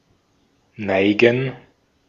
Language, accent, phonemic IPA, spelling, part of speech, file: German, Austria, /ˈnaɪ̯ɡən/, neigen, verb, De-at-neigen.ogg
- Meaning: 1. to incline, slant, tilt, bend, lower (move something in some direction by bowing or turning slightly) 2. to incline, slant, lean, bow (intransitive use always requires an adverb of place)